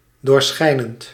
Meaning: translucent
- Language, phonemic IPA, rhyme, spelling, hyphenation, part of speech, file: Dutch, /ˌdoːrˈsxɛi̯.nənt/, -ɛi̯nənt, doorschijnend, door‧schij‧nend, adjective, Nl-doorschijnend.ogg